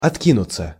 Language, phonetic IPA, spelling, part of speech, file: Russian, [ɐtˈkʲinʊt͡sə], откинуться, verb, Ru-откинуться.ogg
- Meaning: 1. to lean back, to settle back 2. to come out of prison after having served time 3. to die, kick the bucket 4. passive of отки́нуть (otkínutʹ)